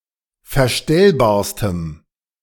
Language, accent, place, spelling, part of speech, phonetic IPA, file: German, Germany, Berlin, verstellbarstem, adjective, [fɛɐ̯ˈʃtɛlbaːɐ̯stəm], De-verstellbarstem.ogg
- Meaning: strong dative masculine/neuter singular superlative degree of verstellbar